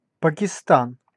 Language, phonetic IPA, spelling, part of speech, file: Russian, [pəkʲɪˈstan], Пакистан, proper noun, Ru-Пакистан.ogg
- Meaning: Pakistan (a country in South Asia)